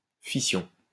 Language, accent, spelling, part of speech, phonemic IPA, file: French, France, fission, noun, /fi.sjɔ̃/, LL-Q150 (fra)-fission.wav
- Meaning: fission